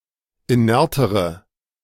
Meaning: inflection of inert: 1. strong/mixed nominative/accusative feminine singular comparative degree 2. strong nominative/accusative plural comparative degree
- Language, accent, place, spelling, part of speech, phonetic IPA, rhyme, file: German, Germany, Berlin, inertere, adjective, [iˈnɛʁtəʁə], -ɛʁtəʁə, De-inertere.ogg